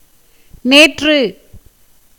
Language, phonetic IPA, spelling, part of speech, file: Tamil, [neːtrɯ], நேற்று, adverb, Ta-நேற்று.ogg
- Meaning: 1. yesterday 2. recently, lately, of a shorter duration